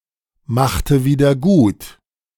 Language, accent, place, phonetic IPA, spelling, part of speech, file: German, Germany, Berlin, [ˌmaxtə ˌviːdɐ ˈɡuːt], machte wieder gut, verb, De-machte wieder gut.ogg
- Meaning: inflection of wiedergutmachen: 1. first/third-person singular preterite 2. first/third-person singular subjunctive II